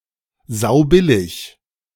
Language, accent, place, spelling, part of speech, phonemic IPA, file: German, Germany, Berlin, saubillig, adjective, /ˈzaʊ̯ˈbɪlɪç/, De-saubillig.ogg
- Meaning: dirt cheap